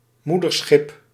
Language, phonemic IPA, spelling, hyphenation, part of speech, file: Dutch, /ˈmu.dərˌsxɪp/, moederschip, moe‧der‧schip, noun, Nl-moederschip.ogg
- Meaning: mothership (ship functioning as a base for other vessels)